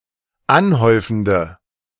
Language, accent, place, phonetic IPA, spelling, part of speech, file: German, Germany, Berlin, [ˈanˌhɔɪ̯fn̩də], anhäufende, adjective, De-anhäufende.ogg
- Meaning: inflection of anhäufend: 1. strong/mixed nominative/accusative feminine singular 2. strong nominative/accusative plural 3. weak nominative all-gender singular